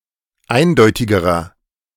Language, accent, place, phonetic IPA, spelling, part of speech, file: German, Germany, Berlin, [ˈaɪ̯nˌdɔɪ̯tɪɡəʁɐ], eindeutigerer, adjective, De-eindeutigerer.ogg
- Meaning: inflection of eindeutig: 1. strong/mixed nominative masculine singular comparative degree 2. strong genitive/dative feminine singular comparative degree 3. strong genitive plural comparative degree